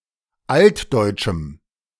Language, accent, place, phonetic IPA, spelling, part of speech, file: German, Germany, Berlin, [ˈaltdɔɪ̯t͡ʃm̩], altdeutschem, adjective, De-altdeutschem.ogg
- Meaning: strong dative masculine/neuter singular of altdeutsch